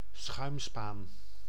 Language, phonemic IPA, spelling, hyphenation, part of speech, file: Dutch, /ˈsxœy̯m.spaːn/, schuimspaan, schuim‧spaan, noun, Nl-schuimspaan.ogg
- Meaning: skimmer (sieve-like scoop; kitchen utensil)